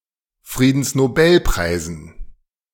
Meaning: dative plural of Friedensnobelpreis
- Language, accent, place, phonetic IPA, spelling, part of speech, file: German, Germany, Berlin, [ˌfʁiːdn̩snoˈbɛlpʁaɪ̯zn̩], Friedensnobelpreisen, noun, De-Friedensnobelpreisen.ogg